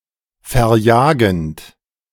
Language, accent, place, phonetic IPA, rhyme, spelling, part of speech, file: German, Germany, Berlin, [fɛɐ̯ˈjaːɡn̩t], -aːɡn̩t, verjagend, verb, De-verjagend.ogg
- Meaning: present participle of verjagen